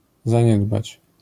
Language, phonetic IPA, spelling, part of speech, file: Polish, [zãˈɲɛdbat͡ɕ], zaniedbać, verb, LL-Q809 (pol)-zaniedbać.wav